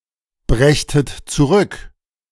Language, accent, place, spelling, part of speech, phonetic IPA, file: German, Germany, Berlin, brächtet zurück, verb, [ˌbʁɛçtət t͡suˈʁʏk], De-brächtet zurück.ogg
- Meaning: second-person plural subjunctive II of zurückbringen